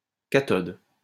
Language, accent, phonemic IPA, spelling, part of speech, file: French, France, /ka.tɔd/, cathode, noun, LL-Q150 (fra)-cathode.wav
- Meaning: cathode